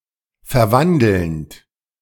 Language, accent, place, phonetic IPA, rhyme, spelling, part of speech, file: German, Germany, Berlin, [fɛɐ̯ˈvandl̩nt], -andl̩nt, verwandelnd, verb, De-verwandelnd.ogg
- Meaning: present participle of verwandeln